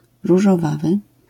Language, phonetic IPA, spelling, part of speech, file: Polish, [ˌruʒɔˈvavɨ], różowawy, adjective, LL-Q809 (pol)-różowawy.wav